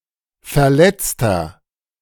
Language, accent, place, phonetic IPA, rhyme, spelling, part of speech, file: German, Germany, Berlin, [fɛɐ̯ˈlɛt͡stɐ], -ɛt͡stɐ, verletzter, adjective, De-verletzter.ogg
- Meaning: inflection of verletzt: 1. strong/mixed nominative masculine singular 2. strong genitive/dative feminine singular 3. strong genitive plural